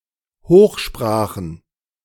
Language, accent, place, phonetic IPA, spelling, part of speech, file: German, Germany, Berlin, [ˈhoːxˌʃpʁaːxn̩], Hochsprachen, noun, De-Hochsprachen.ogg
- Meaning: plural of Hochsprache